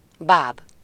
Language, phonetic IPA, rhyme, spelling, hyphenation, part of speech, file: Hungarian, [ˈbaːb], -aːb, báb, báb, noun, Hu-báb.ogg
- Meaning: 1. dummy 2. puppet 3. cocoon 4. pupa, chrysalis